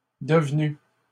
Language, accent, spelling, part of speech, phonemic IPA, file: French, Canada, devenues, verb, /də.v(ə).ny/, LL-Q150 (fra)-devenues.wav
- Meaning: feminine plural of devenu